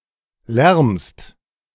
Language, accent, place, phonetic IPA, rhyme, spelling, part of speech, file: German, Germany, Berlin, [lɛʁmst], -ɛʁmst, lärmst, verb, De-lärmst.ogg
- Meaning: second-person singular present of lärmen